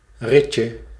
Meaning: diminutive of rit
- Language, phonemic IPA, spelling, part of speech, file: Dutch, /ˈrɪcə/, ritje, noun, Nl-ritje.ogg